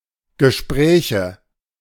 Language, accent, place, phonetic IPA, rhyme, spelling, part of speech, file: German, Germany, Berlin, [ɡəˈʃpʁɛːçə], -ɛːçə, Gespräche, noun, De-Gespräche.ogg
- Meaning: nominative/accusative/genitive plural of Gespräch